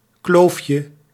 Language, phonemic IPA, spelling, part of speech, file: Dutch, /ˈklofjə/, kloofje, noun, Nl-kloofje.ogg
- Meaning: diminutive of kloof